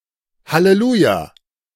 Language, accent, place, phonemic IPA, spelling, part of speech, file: German, Germany, Berlin, /haleˈluːja/, halleluja, interjection, De-halleluja.ogg
- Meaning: hallelujah